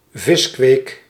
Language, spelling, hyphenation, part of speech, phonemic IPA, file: Dutch, viskweek, vis‧kweek, noun, /ˈvɪs.kʋeːk/, Nl-viskweek.ogg
- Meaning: fish farming (the raising of fish for commercial ends)